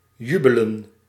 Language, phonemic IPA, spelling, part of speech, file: Dutch, /ˈjybələ(n)/, jubelen, verb, Nl-jubelen.ogg
- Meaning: to jubilate, rejoice